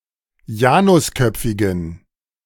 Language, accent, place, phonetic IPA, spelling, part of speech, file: German, Germany, Berlin, [ˈjaːnʊsˌkœp͡fɪɡn̩], janusköpfigen, adjective, De-janusköpfigen.ogg
- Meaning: inflection of janusköpfig: 1. strong genitive masculine/neuter singular 2. weak/mixed genitive/dative all-gender singular 3. strong/weak/mixed accusative masculine singular 4. strong dative plural